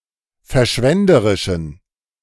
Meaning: inflection of verschwenderisch: 1. strong genitive masculine/neuter singular 2. weak/mixed genitive/dative all-gender singular 3. strong/weak/mixed accusative masculine singular
- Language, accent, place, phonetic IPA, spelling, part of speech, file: German, Germany, Berlin, [fɛɐ̯ˈʃvɛndəʁɪʃn̩], verschwenderischen, adjective, De-verschwenderischen.ogg